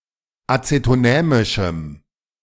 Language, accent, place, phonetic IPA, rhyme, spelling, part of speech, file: German, Germany, Berlin, [ˌat͡setoˈnɛːmɪʃm̩], -ɛːmɪʃm̩, azetonämischem, adjective, De-azetonämischem.ogg
- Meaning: strong dative masculine/neuter singular of azetonämisch